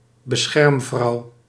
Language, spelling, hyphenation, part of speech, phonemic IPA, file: Dutch, beschermvrouw, be‧scherm‧vrouw, noun, /bəˈsxɛrmˌvrɑu̯/, Nl-beschermvrouw.ogg
- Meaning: female patron, protector (high-status woman offering protection and support of various kinds (e.g. legal aid) to those of lower status; by extension a dignitary affiliated to an organisation)